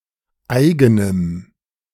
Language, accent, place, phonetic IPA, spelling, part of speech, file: German, Germany, Berlin, [ˈaɪ̯ɡənəm], eigenem, adjective, De-eigenem.ogg
- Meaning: strong dative masculine/neuter singular of eigen